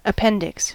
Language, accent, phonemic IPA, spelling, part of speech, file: English, US, /əˈpɛn.dɪks/, appendix, noun, En-us-appendix.ogg
- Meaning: 1. Something attached to something else; an attachment or accompaniment 2. A text added to the end of a book or an article, containing additional information 3. The vermiform appendix